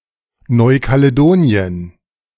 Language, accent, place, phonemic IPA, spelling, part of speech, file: German, Germany, Berlin, /ˌnɔɪ̯kaləˈdoːniən/, Neukaledonien, proper noun, De-Neukaledonien.ogg
- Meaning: New Caledonia (an archipelago and overseas territory of France in Melanesia)